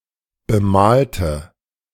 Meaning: inflection of bemalen: 1. first/third-person singular preterite 2. first/third-person singular subjunctive II
- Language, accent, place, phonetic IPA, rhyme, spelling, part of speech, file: German, Germany, Berlin, [bəˈmaːltə], -aːltə, bemalte, adjective / verb, De-bemalte.ogg